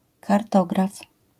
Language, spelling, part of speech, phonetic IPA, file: Polish, kartograf, noun, [karˈtɔɡraf], LL-Q809 (pol)-kartograf.wav